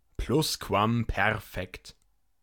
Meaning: pluperfect tense
- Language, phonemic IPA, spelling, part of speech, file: German, /ˈplʊskvamˌpɛʁfɛkt/, Plusquamperfekt, noun, De-Plusquamperfekt.ogg